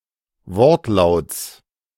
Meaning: genitive singular of Wortlaut
- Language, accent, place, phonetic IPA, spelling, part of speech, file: German, Germany, Berlin, [ˈvɔʁtˌlaʊ̯t͡s], Wortlauts, noun, De-Wortlauts.ogg